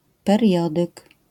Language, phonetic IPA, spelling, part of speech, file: Polish, [pɛrʲˈjɔdɨk], periodyk, noun, LL-Q809 (pol)-periodyk.wav